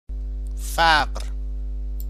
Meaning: poverty
- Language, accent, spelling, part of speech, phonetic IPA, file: Persian, Iran, فقر, noun, [fæʁɹ], Fa-فقر.ogg